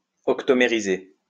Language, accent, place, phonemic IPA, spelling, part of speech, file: French, France, Lyon, /ɔk.to.me.ʁi.ze/, octomériser, verb, LL-Q150 (fra)-octomériser.wav
- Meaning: to octomerize